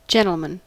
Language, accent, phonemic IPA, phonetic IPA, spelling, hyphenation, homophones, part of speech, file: English, US, /ˈd͡ʒɛn.təl.mən/, [ˈd͡ʒɛɾ̃.ɫ̩.mən], gentleman, gentle‧man, gentlemen, noun, En-us-gentleman.ogg
- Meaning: 1. Any well-bred, well-mannered, or charming man 2. Any man